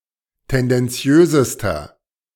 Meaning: inflection of tendenziös: 1. strong/mixed nominative masculine singular superlative degree 2. strong genitive/dative feminine singular superlative degree 3. strong genitive plural superlative degree
- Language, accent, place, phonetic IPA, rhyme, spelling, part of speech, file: German, Germany, Berlin, [ˌtɛndɛnˈt͡si̯øːzəstɐ], -øːzəstɐ, tendenziösester, adjective, De-tendenziösester.ogg